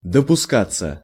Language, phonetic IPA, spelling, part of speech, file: Russian, [dəpʊˈskat͡sːə], допускаться, verb, Ru-допускаться.ogg
- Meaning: 1. to be accepted, to be allowed, to be permitted 2. passive of допуска́ть (dopuskátʹ)